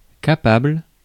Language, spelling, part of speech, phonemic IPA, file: French, capable, adjective, /ka.pabl/, Fr-capable.ogg
- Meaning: able, capable